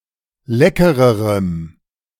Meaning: strong dative masculine/neuter singular comparative degree of lecker
- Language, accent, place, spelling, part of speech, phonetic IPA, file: German, Germany, Berlin, leckererem, adjective, [ˈlɛkəʁəʁəm], De-leckererem.ogg